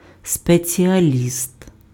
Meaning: specialist
- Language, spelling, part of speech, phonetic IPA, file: Ukrainian, спеціаліст, noun, [spet͡sʲiɐˈlʲist], Uk-спеціаліст.ogg